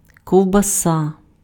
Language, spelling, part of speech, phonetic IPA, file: Ukrainian, ковбаса, noun, [kɔu̯bɐˈsa], Uk-ковбаса.ogg
- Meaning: sausage